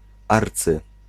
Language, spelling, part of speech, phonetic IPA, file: Polish, arcy-, prefix, [ˈart͡sɨ], Pl-arcy-.ogg